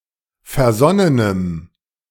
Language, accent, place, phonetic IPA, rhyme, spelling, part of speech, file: German, Germany, Berlin, [fɛɐ̯ˈzɔnənəm], -ɔnənəm, versonnenem, adjective, De-versonnenem.ogg
- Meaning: strong dative masculine/neuter singular of versonnen